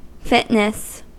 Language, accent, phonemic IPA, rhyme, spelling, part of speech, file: English, US, /ˈfɪt.nəs/, -ɪtnəs, fitness, noun, En-us-fitness.ogg
- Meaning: 1. The condition of being fit, suitable or appropriate 2. The cultivation of an attractive and/or healthy physique